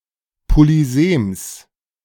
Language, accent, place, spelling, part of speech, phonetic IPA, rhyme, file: German, Germany, Berlin, Polysems, noun, [poliˈzeːms], -eːms, De-Polysems.ogg
- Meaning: genitive of Polysem